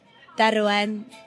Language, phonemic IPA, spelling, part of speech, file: Welsh, /ˈdɛrwɛn/, derwen, noun, Derwen.ogg
- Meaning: singulative of derw (“oaks”)